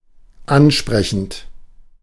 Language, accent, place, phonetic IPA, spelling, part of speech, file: German, Germany, Berlin, [ˈanˌʃpʁɛçn̩t], ansprechend, adjective / verb, De-ansprechend.ogg
- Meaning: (verb) present participle of ansprechen; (adjective) appealing, attractive, pleasing